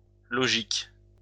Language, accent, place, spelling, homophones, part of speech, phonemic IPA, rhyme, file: French, France, Lyon, logiques, logique, adjective / noun, /lɔ.ʒik/, -ik, LL-Q150 (fra)-logiques.wav
- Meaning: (adjective) plural of logique